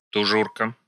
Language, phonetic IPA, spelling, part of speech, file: Russian, [tʊˈʐurkə], тужурка, noun, Ru-тужурка.ogg
- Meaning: pea jacket, mess jacket